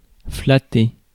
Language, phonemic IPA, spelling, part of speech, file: French, /fla.te/, flatter, verb, Fr-flatter.ogg
- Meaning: 1. to flatter 2. to pet, to caress